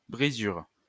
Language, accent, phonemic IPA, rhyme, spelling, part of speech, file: French, France, /bʁi.zyʁ/, -yʁ, brisure, noun, LL-Q150 (fra)-brisure.wav
- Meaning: chip (small broken piece of material)